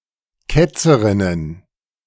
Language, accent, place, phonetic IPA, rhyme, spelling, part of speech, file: German, Germany, Berlin, [ˈkɛt͡səʁɪnən], -ɛt͡səʁɪnən, Ketzerinnen, noun, De-Ketzerinnen.ogg
- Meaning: plural of Ketzerin